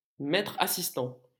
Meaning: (verb) present participle of assister; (noun) assistant
- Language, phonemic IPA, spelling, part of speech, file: French, /a.sis.tɑ̃/, assistant, verb / noun, LL-Q150 (fra)-assistant.wav